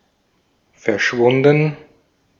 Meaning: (verb) past participle of verschwinden; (adjective) disappeared
- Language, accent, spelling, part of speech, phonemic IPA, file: German, Austria, verschwunden, verb / adjective, /fɛɐ̯ˈʃvʊndn̩/, De-at-verschwunden.ogg